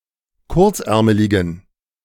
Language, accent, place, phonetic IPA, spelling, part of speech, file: German, Germany, Berlin, [ˈkʊʁt͡sˌʔɛʁməlɪɡn̩], kurzärmeligen, adjective, De-kurzärmeligen.ogg
- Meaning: inflection of kurzärmelig: 1. strong genitive masculine/neuter singular 2. weak/mixed genitive/dative all-gender singular 3. strong/weak/mixed accusative masculine singular 4. strong dative plural